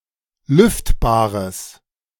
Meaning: strong/mixed nominative/accusative neuter singular of lüftbar
- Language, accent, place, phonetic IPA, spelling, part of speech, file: German, Germany, Berlin, [ˈlʏftbaːʁəs], lüftbares, adjective, De-lüftbares.ogg